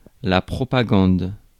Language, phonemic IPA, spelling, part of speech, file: French, /pʁɔ.pa.ɡɑ̃d/, propagande, noun, Fr-propagande.ogg
- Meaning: propaganda